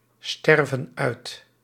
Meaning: inflection of uitsterven: 1. plural present indicative 2. plural present subjunctive
- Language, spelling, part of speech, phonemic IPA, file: Dutch, sterven uit, verb, /ˈstɛrvə(n) ˈœyt/, Nl-sterven uit.ogg